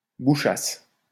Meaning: first-person singular imperfect subjunctive of boucher
- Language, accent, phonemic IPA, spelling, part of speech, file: French, France, /bu.ʃas/, bouchasse, verb, LL-Q150 (fra)-bouchasse.wav